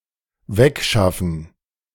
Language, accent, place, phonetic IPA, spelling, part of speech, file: German, Germany, Berlin, [ˈvɛkˌʃafn̩], wegschaffen, verb, De-wegschaffen.ogg
- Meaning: to take away